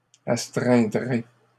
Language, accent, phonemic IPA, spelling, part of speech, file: French, Canada, /as.tʁɛ̃.dʁe/, astreindrez, verb, LL-Q150 (fra)-astreindrez.wav
- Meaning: second-person plural simple future of astreindre